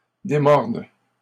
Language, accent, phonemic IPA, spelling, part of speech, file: French, Canada, /de.mɔʁd/, démorde, verb, LL-Q150 (fra)-démorde.wav
- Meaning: first/third-person singular present subjunctive of démordre